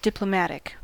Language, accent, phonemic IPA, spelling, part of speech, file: English, US, /ˌdɪpləˈmætɪk/, diplomatic, adjective / noun, En-us-diplomatic.ogg
- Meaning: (adjective) 1. Concerning the relationships between the governments of countries 2. Exhibiting diplomacy; exercising tact or courtesy; using discussion to avoid hard feelings, fights or arguments